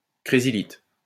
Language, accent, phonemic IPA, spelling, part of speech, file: French, France, /kʁe.zi.lit/, crésylite, noun, LL-Q150 (fra)-crésylite.wav
- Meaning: cresylite